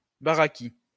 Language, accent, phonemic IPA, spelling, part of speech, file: French, France, /ba.ʁa.ki/, baraki, noun, LL-Q150 (fra)-baraki.wav
- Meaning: 1. a poorly educated individual, usually a dirty one with poor clothing tastes; a chav 2. showman (fairground worker) 3. gypsy (caravan dweller)